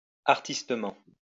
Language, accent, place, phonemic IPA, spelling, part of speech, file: French, France, Lyon, /aʁ.tis.tə.mɑ̃/, artistement, adverb, LL-Q150 (fra)-artistement.wav
- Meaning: artfully